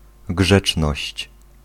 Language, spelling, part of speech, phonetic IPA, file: Polish, grzeczność, noun, [ˈɡʒɛt͡ʃnɔɕt͡ɕ], Pl-grzeczność.ogg